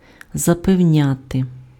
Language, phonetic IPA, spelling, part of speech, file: Ukrainian, [zɐpeu̯ˈnʲate], запевняти, verb, Uk-запевняти.ogg
- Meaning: to assure, to convince, to persuade, to reassure